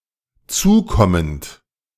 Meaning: present participle of zukommen
- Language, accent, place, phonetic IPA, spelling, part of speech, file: German, Germany, Berlin, [ˈt͡suːˌkɔmənt], zukommend, verb, De-zukommend.ogg